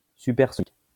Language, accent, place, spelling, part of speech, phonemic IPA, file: French, France, Lyon, supersonique, adjective, /sy.pɛʁ.sɔ.nik/, LL-Q150 (fra)-supersonique.wav
- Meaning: supersonic (greater than the speed of sound)